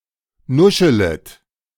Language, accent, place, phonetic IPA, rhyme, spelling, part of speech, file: German, Germany, Berlin, [ˈnʊʃələt], -ʊʃələt, nuschelet, verb, De-nuschelet.ogg
- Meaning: second-person plural subjunctive I of nuscheln